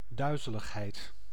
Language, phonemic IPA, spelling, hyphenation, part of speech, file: Dutch, /ˈdœy̯.zə.ləxˌɦɛi̯t/, duizeligheid, dui‧ze‧lig‧heid, noun, Nl-duizeligheid.ogg
- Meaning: dizziness